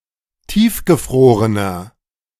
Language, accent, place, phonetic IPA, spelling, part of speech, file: German, Germany, Berlin, [ˈtiːfɡəˌfʁoːʁənɐ], tiefgefrorener, adjective, De-tiefgefrorener.ogg
- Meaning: inflection of tiefgefroren: 1. strong/mixed nominative masculine singular 2. strong genitive/dative feminine singular 3. strong genitive plural